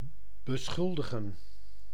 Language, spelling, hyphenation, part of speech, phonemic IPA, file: Dutch, beschuldigen, be‧schul‧di‧gen, verb, /bəˈsxʏldəɣə(n)/, Nl-beschuldigen.ogg
- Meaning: to accuse, blame